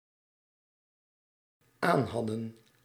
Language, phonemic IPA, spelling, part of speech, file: Dutch, /ˈanhɑdə(n)/, aanhadden, verb, Nl-aanhadden.ogg
- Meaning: inflection of aanhebben: 1. plural dependent-clause past indicative 2. plural dependent-clause past subjunctive